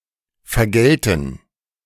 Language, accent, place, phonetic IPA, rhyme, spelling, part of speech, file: German, Germany, Berlin, [fɛɐ̯ˈɡɛltn̩], -ɛltn̩, vergälten, verb, De-vergälten.ogg
- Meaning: first-person plural subjunctive II of vergelten